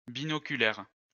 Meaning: binocular
- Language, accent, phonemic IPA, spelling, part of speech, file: French, France, /bi.nɔ.ky.lɛʁ/, binoculaire, adjective, LL-Q150 (fra)-binoculaire.wav